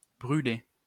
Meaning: past participle of bruler
- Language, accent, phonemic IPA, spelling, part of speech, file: French, France, /bʁy.le/, brulé, verb, LL-Q150 (fra)-brulé.wav